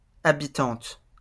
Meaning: female equivalent of habitant
- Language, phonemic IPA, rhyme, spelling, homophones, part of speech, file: French, /a.bi.tɑ̃t/, -ɑ̃t, habitante, habitantes, noun, LL-Q150 (fra)-habitante.wav